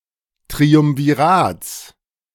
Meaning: genitive of Triumvirat
- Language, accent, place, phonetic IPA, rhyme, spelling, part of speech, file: German, Germany, Berlin, [tʁiʊmviˈʁaːt͡s], -aːt͡s, Triumvirats, noun, De-Triumvirats.ogg